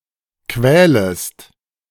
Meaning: second-person singular subjunctive I of quälen
- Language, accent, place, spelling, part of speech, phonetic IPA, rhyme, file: German, Germany, Berlin, quälest, verb, [ˈkvɛːləst], -ɛːləst, De-quälest.ogg